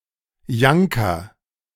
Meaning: A traditional Alpine jacket made of fulled sheep's wool
- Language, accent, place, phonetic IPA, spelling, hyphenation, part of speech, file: German, Germany, Berlin, [ˈjankɐ], Janker, Jan‧ker, noun, De-Janker.ogg